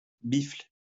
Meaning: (noun) dickslap, penis slap; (verb) inflection of biffler: 1. first/third-person singular present indicative/subjunctive 2. second-person singular imperative
- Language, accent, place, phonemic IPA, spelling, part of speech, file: French, France, Lyon, /bifl/, biffle, noun / verb, LL-Q150 (fra)-biffle.wav